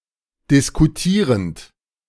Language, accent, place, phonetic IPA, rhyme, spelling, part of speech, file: German, Germany, Berlin, [dɪskuˈtiːʁənt], -iːʁənt, diskutierend, verb, De-diskutierend.ogg
- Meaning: present participle of diskutieren